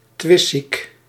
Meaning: argumentative, quarrelsome
- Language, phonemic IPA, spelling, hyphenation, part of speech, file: Dutch, /ˈtʋɪst.sik/, twistziek, twist‧ziek, adjective, Nl-twistziek.ogg